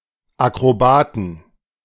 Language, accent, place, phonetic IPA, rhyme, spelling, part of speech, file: German, Germany, Berlin, [akʁoˈbaːtn̩], -aːtn̩, Akrobaten, noun, De-Akrobaten.ogg
- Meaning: 1. genitive singular of Akrobat 2. plural of Akrobat